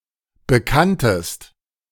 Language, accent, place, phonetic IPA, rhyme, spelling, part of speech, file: German, Germany, Berlin, [bəˈkantəst], -antəst, bekanntest, verb, De-bekanntest.ogg
- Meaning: second-person singular preterite of bekennen